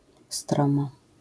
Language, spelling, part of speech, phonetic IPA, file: Polish, stromo, adverb, [ˈstrɔ̃mɔ], LL-Q809 (pol)-stromo.wav